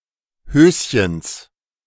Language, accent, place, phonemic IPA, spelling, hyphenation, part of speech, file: German, Germany, Berlin, /ˈhøːsçəns/, Höschens, Hös‧chens, noun, De-Höschens.ogg
- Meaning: genitive of Höschen